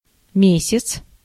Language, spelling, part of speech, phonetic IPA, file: Russian, месяц, noun, [ˈmʲesʲɪt͡s], Ru-месяц.ogg
- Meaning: 1. month 2. moon (the Earth's only permanent natural satellite, including a full moon) 3. moon (in modern Russian usually referring to a crescent or a gibbous moon, but not a full moon)